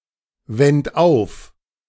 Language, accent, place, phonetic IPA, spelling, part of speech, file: German, Germany, Berlin, [ˌvɛnt ˈaʊ̯f], wend auf, verb, De-wend auf.ogg
- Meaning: 1. first-person plural preterite of aufwenden 2. third-person plural preterite of aufwenden# second-person plural preterite of aufwenden# singular imperative of aufwenden